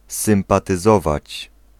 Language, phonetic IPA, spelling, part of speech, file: Polish, [ˌsɨ̃mpatɨˈzɔvat͡ɕ], sympatyzować, verb, Pl-sympatyzować.ogg